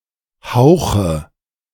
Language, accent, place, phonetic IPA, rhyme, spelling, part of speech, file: German, Germany, Berlin, [ˈhaʊ̯xə], -aʊ̯xə, Hauche, noun, De-Hauche.ogg
- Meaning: nominative/accusative/genitive plural of Hauch